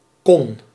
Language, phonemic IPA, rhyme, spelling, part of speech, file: Dutch, /kɔn/, -ɔn, kon, verb, Nl-kon.ogg
- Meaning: singular past indicative of kunnen